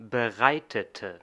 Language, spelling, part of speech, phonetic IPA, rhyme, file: German, bereitete, adjective / verb, [bəˈʁaɪ̯tətə], -aɪ̯tətə, De-bereitete.ogg
- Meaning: inflection of bereiten: 1. first/third-person singular preterite 2. first/third-person singular subjunctive II